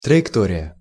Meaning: trajectory
- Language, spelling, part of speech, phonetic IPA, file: Russian, траектория, noun, [trəɪkˈtorʲɪjə], Ru-траектория.ogg